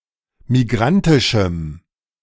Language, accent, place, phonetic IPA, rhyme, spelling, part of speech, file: German, Germany, Berlin, [miˈɡʁantɪʃm̩], -antɪʃm̩, migrantischem, adjective, De-migrantischem.ogg
- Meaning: strong dative masculine/neuter singular of migrantisch